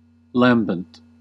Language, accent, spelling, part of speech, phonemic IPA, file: English, US, lambent, adjective, /ˈlæmbənt/, En-us-lambent.ogg
- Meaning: 1. Brushing or flickering gently over a surface 2. Glowing or luminous, but lacking heat 3. Exhibiting lightness or brilliance of wit; clever or witty without unkindness